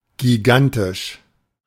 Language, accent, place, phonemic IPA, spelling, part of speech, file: German, Germany, Berlin, /ɡiˈɡantɪʃ/, gigantisch, adjective, De-gigantisch.ogg
- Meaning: gigantic